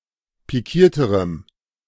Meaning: strong dative masculine/neuter singular comparative degree of pikiert
- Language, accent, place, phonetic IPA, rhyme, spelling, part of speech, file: German, Germany, Berlin, [piˈkiːɐ̯təʁəm], -iːɐ̯təʁəm, pikierterem, adjective, De-pikierterem.ogg